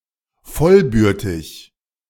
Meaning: sibling
- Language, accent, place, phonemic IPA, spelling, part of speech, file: German, Germany, Berlin, /ˈfɔlˌbʏʁtɪç/, vollbürtig, adjective, De-vollbürtig.ogg